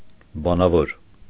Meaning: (adjective) 1. oral, verbal 2. intelligent; rational; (adverb) orally, verbally
- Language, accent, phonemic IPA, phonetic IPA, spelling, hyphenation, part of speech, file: Armenian, Eastern Armenian, /bɑnɑˈvoɾ/, [bɑnɑvóɾ], բանավոր, բա‧նա‧վոր, adjective / adverb, Hy-բանավոր.ogg